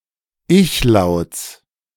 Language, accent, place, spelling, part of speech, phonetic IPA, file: German, Germany, Berlin, Ichlauts, noun, [ˈɪçˌlaʊ̯t͡s], De-Ichlauts.ogg
- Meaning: genitive singular of Ichlaut